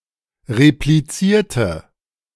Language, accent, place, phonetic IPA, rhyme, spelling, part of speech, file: German, Germany, Berlin, [ʁepliˈt͡siːɐ̯tə], -iːɐ̯tə, replizierte, adjective / verb, De-replizierte.ogg
- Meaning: inflection of replizieren: 1. first/third-person singular preterite 2. first/third-person singular subjunctive II